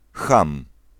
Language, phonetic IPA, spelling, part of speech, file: Polish, [xãm], cham, noun, Pl-cham.ogg